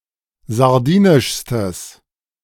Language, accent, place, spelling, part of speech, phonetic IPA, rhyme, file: German, Germany, Berlin, sardinischstes, adjective, [zaʁˈdiːnɪʃstəs], -iːnɪʃstəs, De-sardinischstes.ogg
- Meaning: strong/mixed nominative/accusative neuter singular superlative degree of sardinisch